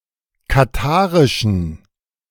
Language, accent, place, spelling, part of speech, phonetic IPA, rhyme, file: German, Germany, Berlin, katharischen, adjective, [kaˈtaːʁɪʃn̩], -aːʁɪʃn̩, De-katharischen.ogg
- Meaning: inflection of katharisch: 1. strong genitive masculine/neuter singular 2. weak/mixed genitive/dative all-gender singular 3. strong/weak/mixed accusative masculine singular 4. strong dative plural